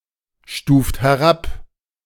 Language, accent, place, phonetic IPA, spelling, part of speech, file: German, Germany, Berlin, [ˌʃtuːft hɛˈʁap], stuft herab, verb, De-stuft herab.ogg
- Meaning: inflection of herabstufen: 1. second-person plural present 2. third-person singular present 3. plural imperative